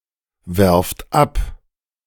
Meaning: second-person plural present of abwerfen
- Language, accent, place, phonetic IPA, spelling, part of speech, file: German, Germany, Berlin, [ˌvɛʁft ˈap], werft ab, verb, De-werft ab.ogg